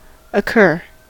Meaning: 1. To happen or take place 2. To present or offer itself 3. To come or be presented to the mind; to suggest itself 4. To be present or found
- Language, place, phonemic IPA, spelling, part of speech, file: English, California, /əˈkɝ/, occur, verb, En-us-occur.ogg